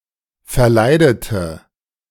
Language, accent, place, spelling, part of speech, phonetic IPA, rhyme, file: German, Germany, Berlin, verleidete, adjective / verb, [fɛɐ̯ˈlaɪ̯dətə], -aɪ̯dətə, De-verleidete.ogg
- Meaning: inflection of verleiden: 1. first/third-person singular preterite 2. first/third-person singular subjunctive II